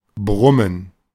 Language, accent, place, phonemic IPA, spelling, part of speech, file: German, Germany, Berlin, /ˈbʁʊmən/, brummen, verb, De-brummen.ogg
- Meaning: 1. to growl 2. to hum 3. to boom